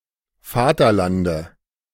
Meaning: dative singular of Vaterland
- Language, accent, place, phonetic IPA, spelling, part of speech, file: German, Germany, Berlin, [ˈfaːtɐˌlandə], Vaterlande, noun, De-Vaterlande.ogg